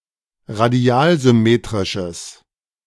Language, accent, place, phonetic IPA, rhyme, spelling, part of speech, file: German, Germany, Berlin, [ʁaˈdi̯aːlzʏˌmeːtʁɪʃəs], -aːlzʏmeːtʁɪʃəs, radialsymmetrisches, adjective, De-radialsymmetrisches.ogg
- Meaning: strong/mixed nominative/accusative neuter singular of radialsymmetrisch